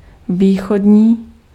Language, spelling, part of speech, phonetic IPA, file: Czech, východní, adjective, [ˈviːxodɲiː], Cs-východní.ogg
- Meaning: eastern